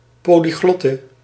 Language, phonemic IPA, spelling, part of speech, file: Dutch, /poliˈɣlɔtə/, polyglotte, noun, Nl-polyglotte.ogg
- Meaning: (noun) 1. a female polyglot, a woman who has command of multiple languages 2. alternative form of polyglot (“polyglot text edition”) 3. archaic form of polyglot (“polyglot person”)